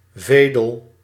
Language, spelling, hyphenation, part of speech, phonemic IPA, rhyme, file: Dutch, vedel, ve‧del, noun, /ˈveː.dəl/, -eːdəl, Nl-vedel.ogg
- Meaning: 1. a vielle, a precursor to the violin 2. a violin